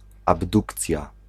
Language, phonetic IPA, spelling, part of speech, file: Polish, [abˈdukt͡sʲja], abdukcja, noun, Pl-abdukcja.ogg